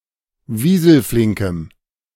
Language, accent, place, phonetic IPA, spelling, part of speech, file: German, Germany, Berlin, [ˈviːzl̩ˌflɪŋkəm], wieselflinkem, adjective, De-wieselflinkem.ogg
- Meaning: strong dative masculine/neuter singular of wieselflink